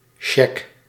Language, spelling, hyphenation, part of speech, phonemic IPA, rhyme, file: Dutch, cheque, che‧que, noun, /ʃɛk/, -ɛk, Nl-cheque.ogg
- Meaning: 1. check, cheque (a note promising to pay money to a named person or entity) 2. voucher, used to pay a stated amount for a specific purpose